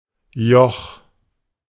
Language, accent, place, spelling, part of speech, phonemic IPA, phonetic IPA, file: German, Germany, Berlin, Joch, noun, /jɔx/, [jɔχ], De-Joch.ogg
- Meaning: 1. yoke 2. yoke (oppression, bond) 3. ridge, mountain pass, col